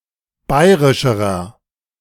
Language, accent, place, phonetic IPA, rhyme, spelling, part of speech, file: German, Germany, Berlin, [ˈbaɪ̯ʁɪʃəʁɐ], -aɪ̯ʁɪʃəʁɐ, bayrischerer, adjective, De-bayrischerer.ogg
- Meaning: inflection of bayrisch: 1. strong/mixed nominative masculine singular comparative degree 2. strong genitive/dative feminine singular comparative degree 3. strong genitive plural comparative degree